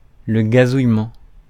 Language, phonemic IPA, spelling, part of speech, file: French, /ɡa.zuj.mɑ̃/, gazouillement, noun, Fr-gazouillement.ogg
- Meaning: 1. chirping, tweeting 2. tweeting (microblogging)